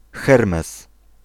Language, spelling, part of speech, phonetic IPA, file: Polish, Hermes, proper noun, [ˈxɛrmɛs], Pl-Hermes.ogg